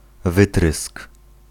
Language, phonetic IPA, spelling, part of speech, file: Polish, [ˈvɨtrɨsk], wytrysk, noun, Pl-wytrysk.ogg